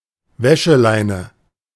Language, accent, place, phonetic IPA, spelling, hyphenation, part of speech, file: German, Germany, Berlin, [ˈvɛʃəˌlaɪ̯nə], Wäscheleine, Wä‧sche‧lei‧ne, noun, De-Wäscheleine.ogg
- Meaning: clothesline